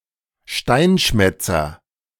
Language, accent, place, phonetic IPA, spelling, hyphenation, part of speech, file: German, Germany, Berlin, [ˈʃtaɪ̯nˌʃmɛt͡sɐ], Steinschmätzer, Stein‧schmät‧zer, noun, De-Steinschmätzer.ogg
- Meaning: wheatear (any of various passerine birds in the genus Oenanthe, especially the northern wheatear (Oenanthe oenanthe))